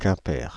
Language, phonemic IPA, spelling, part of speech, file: French, /kɛ̃.pɛʁ/, Quimper, proper noun, Fr-Quimper.ogg
- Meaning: Quimper (a city, the prefecture of Finistère department, Brittany, France)